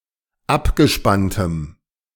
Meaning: strong dative masculine/neuter singular of abgespannt
- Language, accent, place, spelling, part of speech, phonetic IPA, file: German, Germany, Berlin, abgespanntem, adjective, [ˈapɡəˌʃpantəm], De-abgespanntem.ogg